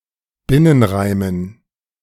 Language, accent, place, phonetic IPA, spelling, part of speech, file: German, Germany, Berlin, [ˈbɪnənˌʁaɪ̯mən], Binnenreimen, noun, De-Binnenreimen.ogg
- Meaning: dative plural of Binnenreim